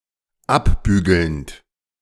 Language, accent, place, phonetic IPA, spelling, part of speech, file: German, Germany, Berlin, [ˈapˌbyːɡl̩nt], abbügelnd, verb, De-abbügelnd.ogg
- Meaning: present participle of abbügeln